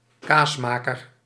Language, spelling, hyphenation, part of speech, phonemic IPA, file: Dutch, kaasmaker, kaas‧ma‧ker, noun, /ˈkaːsmaːkər/, Nl-kaasmaker.ogg
- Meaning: cheesemaker